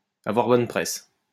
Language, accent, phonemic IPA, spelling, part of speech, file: French, France, /a.vwaʁ bɔn pʁɛs/, avoir bonne presse, verb, LL-Q150 (fra)-avoir bonne presse.wav
- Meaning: to get a good press, to be well thought of